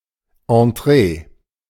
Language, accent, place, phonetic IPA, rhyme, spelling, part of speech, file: German, Germany, Berlin, [ɑ̃ˈtʁeː], -eː, Entree, noun, De-Entree.ogg
- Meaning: entrée (dish served before main course)